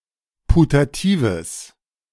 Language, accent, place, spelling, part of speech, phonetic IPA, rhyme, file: German, Germany, Berlin, putatives, adjective, [putaˈtiːvəs], -iːvəs, De-putatives.ogg
- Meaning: strong/mixed nominative/accusative neuter singular of putativ